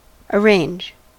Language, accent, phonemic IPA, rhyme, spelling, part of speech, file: English, US, /əˈɹeɪnd͡ʒ/, -eɪndʒ, arrange, verb / noun, En-us-arrange.ogg
- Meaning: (verb) 1. To set up; to organize; to put into an orderly sequence or arrangement 2. To plan; to prepare in advance